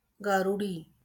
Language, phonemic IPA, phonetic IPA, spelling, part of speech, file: Marathi, /ɡa.ɾu.ɖi/, [ɡa.ɾu.ɖiː], गारुडी, noun, LL-Q1571 (mar)-गारुडी.wav
- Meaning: snake charmer, juggler, conjurer